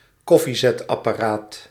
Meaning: coffeemaker (kitchen apparatus used to brew and filter coffee)
- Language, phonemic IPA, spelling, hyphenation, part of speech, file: Dutch, /ˈkɔ.fi.zɛt.ɑ.paːˌraːt/, koffiezetapparaat, kof‧fie‧zet‧ap‧pa‧raat, noun, Nl-koffiezetapparaat.ogg